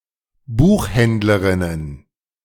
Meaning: plural of Buchhändlerin
- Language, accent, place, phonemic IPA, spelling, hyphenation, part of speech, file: German, Germany, Berlin, /ˈbuːxˌhɛndləʁɪnən/, Buchhändlerinnen, Buch‧händ‧le‧rin‧nen, noun, De-Buchhändlerinnen.ogg